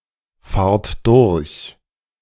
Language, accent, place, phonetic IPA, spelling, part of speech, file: German, Germany, Berlin, [ˌfaːɐ̯t ˈdʊʁç], fahrt durch, verb, De-fahrt durch.ogg
- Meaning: inflection of durchfahren: 1. second-person plural present 2. plural imperative